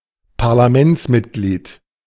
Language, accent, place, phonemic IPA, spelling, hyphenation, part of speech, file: German, Germany, Berlin, /paʁlaˈmɛntsˌmɪtɡliːd/, Parlamentsmitglied, Par‧la‧ments‧mit‧glied, noun, De-Parlamentsmitglied.ogg
- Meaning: member of parliament